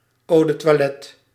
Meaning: eau de toilette
- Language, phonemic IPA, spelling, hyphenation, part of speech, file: Dutch, /ˌoː də tʋɑˈlɛt/, eau de toilette, eau de toi‧let‧te, noun, Nl-eau de toilette.ogg